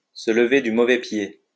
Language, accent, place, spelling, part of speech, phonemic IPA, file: French, France, Lyon, se lever du mauvais pied, verb, /sə l(ə).ve dy mo.vɛ pje/, LL-Q150 (fra)-se lever du mauvais pied.wav
- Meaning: to get up on the wrong side of the bed (to feel irritable without a particular reason)